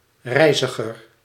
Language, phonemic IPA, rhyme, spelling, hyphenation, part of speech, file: Dutch, /ˈrɛi̯zəɣər/, -ɛi̯zəɣər, reiziger, rei‧zi‧ger, noun, Nl-reiziger.ogg
- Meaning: 1. traveller, voyager 2. Dutch people who live in wagons or mobile homes, predominantly descended from 19th-century displaced agricultural workers